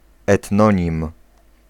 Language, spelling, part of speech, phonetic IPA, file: Polish, etnonim, noun, [ɛtˈnɔ̃ɲĩm], Pl-etnonim.ogg